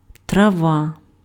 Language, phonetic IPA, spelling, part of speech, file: Ukrainian, [trɐˈʋa], трава, noun, Uk-трава.ogg
- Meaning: 1. grass 2. herb 3. weed